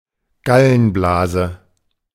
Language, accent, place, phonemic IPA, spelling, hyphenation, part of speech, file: German, Germany, Berlin, /ˈɡalənˌblaːzə/, Gallenblase, Gal‧len‧bla‧se, noun, De-Gallenblase.ogg
- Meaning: gall bladder